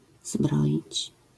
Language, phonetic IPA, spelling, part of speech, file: Polish, [ˈzbrɔʲit͡ɕ], zbroić, verb, LL-Q809 (pol)-zbroić.wav